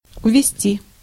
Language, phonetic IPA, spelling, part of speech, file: Russian, [ʊvʲɪˈsʲtʲi], увести, verb, Ru-увести.ogg
- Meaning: 1. to take away, to lead away, to withdraw (troops) 2. to carry off, to lift